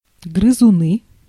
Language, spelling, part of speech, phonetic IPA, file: Russian, грызуны, noun, [ɡrɨzʊˈnɨ], Ru-грызуны.ogg
- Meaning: nominative plural of грызу́н (gryzún)